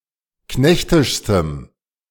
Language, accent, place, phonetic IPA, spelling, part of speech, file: German, Germany, Berlin, [ˈknɛçtɪʃstəm], knechtischstem, adjective, De-knechtischstem.ogg
- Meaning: strong dative masculine/neuter singular superlative degree of knechtisch